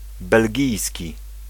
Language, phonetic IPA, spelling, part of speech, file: Polish, [bɛlʲˈɟijsʲci], belgijski, adjective, Pl-belgijski.ogg